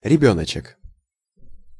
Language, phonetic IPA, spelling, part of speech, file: Russian, [rʲɪˈbʲɵnət͡ɕɪk], ребёночек, noun, Ru-ребёночек.ogg
- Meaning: diminutive of ребёнок (rebjónok): (little) baby, child, kid